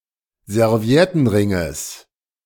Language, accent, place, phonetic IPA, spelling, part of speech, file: German, Germany, Berlin, [zɛʁˈvi̯ɛtn̩ˌʁɪŋəs], Serviettenringes, noun, De-Serviettenringes.ogg
- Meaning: genitive singular of Serviettenring